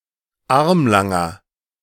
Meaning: inflection of armlang: 1. strong/mixed nominative masculine singular 2. strong genitive/dative feminine singular 3. strong genitive plural
- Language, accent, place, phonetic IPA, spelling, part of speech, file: German, Germany, Berlin, [ˈaʁmlaŋɐ], armlanger, adjective, De-armlanger.ogg